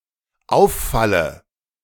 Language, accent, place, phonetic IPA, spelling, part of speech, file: German, Germany, Berlin, [ˈaʊ̯fˌfalə], auffalle, verb, De-auffalle.ogg
- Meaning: inflection of auffallen: 1. first-person singular dependent present 2. first/third-person singular dependent subjunctive I